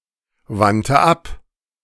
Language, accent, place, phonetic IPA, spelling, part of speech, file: German, Germany, Berlin, [ˌvantə ˈap], wandte ab, verb, De-wandte ab.ogg
- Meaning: first/third-person singular preterite of abwenden